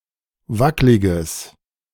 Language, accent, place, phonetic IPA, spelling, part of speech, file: German, Germany, Berlin, [ˈvaklɪɡəs], wackliges, adjective, De-wackliges.ogg
- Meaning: strong/mixed nominative/accusative neuter singular of wacklig